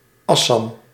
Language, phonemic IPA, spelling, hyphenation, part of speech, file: Dutch, /ɑ.sɑm/, Assam, As‧sam, proper noun, Nl-Assam.ogg
- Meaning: Assam (a state in northeastern India)